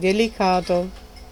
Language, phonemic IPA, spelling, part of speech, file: Italian, /deliˈkato/, delicato, adjective, It-delicato.ogg